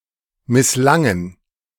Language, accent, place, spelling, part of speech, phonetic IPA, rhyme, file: German, Germany, Berlin, misslangen, verb, [mɪsˈlaŋən], -aŋən, De-misslangen.ogg
- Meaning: first/third-person plural preterite of misslingen